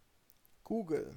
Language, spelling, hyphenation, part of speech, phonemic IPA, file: German, Google, Goo‧gle, proper noun, /ˈɡuːɡəl/, De-Google.ogg
- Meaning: Google (search engine)